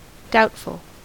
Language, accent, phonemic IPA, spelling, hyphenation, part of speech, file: English, US, /ˈdaʊtfəl/, doubtful, doubt‧ful, adjective / noun, En-us-doubtful.ogg
- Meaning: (adjective) 1. Subject to, or causing doubt 2. Experiencing or showing doubt, skeptical 3. Undecided or of uncertain outcome 4. Fearsome, dreadful 5. Improbable or unlikely